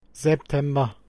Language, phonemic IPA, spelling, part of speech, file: German, /zɛpˈtɛmbɐ/, September, noun, De-September.ogg
- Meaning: September (the ninth month of the Gregorian calendar, following August and preceding October, containing the southward equinox)